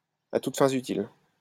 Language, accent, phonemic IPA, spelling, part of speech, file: French, France, /a tut fɛ̃.z‿y.til/, à toutes fins utiles, adverb, LL-Q150 (fra)-à toutes fins utiles.wav
- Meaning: for your information, for your convenience, for future reference, in case it would prove useful, to whom it may serve